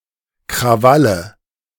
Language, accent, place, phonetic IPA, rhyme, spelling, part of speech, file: German, Germany, Berlin, [kʁaˈvalə], -alə, Krawalle, noun, De-Krawalle.ogg
- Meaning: nominative/accusative/genitive plural of Krawall